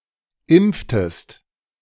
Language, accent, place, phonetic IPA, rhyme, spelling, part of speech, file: German, Germany, Berlin, [ˈɪmp͡ftəst], -ɪmp͡ftəst, impftest, verb, De-impftest.ogg
- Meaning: inflection of impfen: 1. second-person singular preterite 2. second-person singular subjunctive II